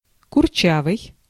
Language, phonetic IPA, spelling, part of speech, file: Russian, [kʊrˈt͡ɕavɨj], курчавый, adjective, Ru-курчавый.ogg
- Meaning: 1. curly (hair) 2. curly-haired, curly-headed 3. (style) florid, flowery, frilly